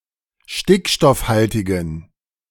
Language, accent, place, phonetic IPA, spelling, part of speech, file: German, Germany, Berlin, [ˈʃtɪkʃtɔfˌhaltɪɡn̩], stickstoffhaltigen, adjective, De-stickstoffhaltigen.ogg
- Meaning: inflection of stickstoffhaltig: 1. strong genitive masculine/neuter singular 2. weak/mixed genitive/dative all-gender singular 3. strong/weak/mixed accusative masculine singular